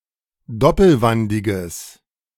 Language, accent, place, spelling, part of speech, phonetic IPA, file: German, Germany, Berlin, doppelwandiges, adjective, [ˈdɔpl̩ˌvandɪɡəs], De-doppelwandiges.ogg
- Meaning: strong/mixed nominative/accusative neuter singular of doppelwandig